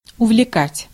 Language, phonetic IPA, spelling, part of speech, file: Russian, [ʊvlʲɪˈkatʲ], увлекать, verb, Ru-увлекать.ogg
- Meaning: 1. to fascinate, to infatuate 2. to carry away